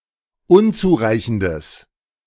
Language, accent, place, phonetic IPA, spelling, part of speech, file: German, Germany, Berlin, [ˈʊnt͡suːˌʁaɪ̯çn̩dəs], unzureichendes, adjective, De-unzureichendes.ogg
- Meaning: strong/mixed nominative/accusative neuter singular of unzureichend